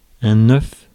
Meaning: 1. egg 2. egg; ovum 3. gondola lift
- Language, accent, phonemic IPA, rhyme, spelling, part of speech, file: French, France, /œf/, -œf, œuf, noun, Fr-œuf.ogg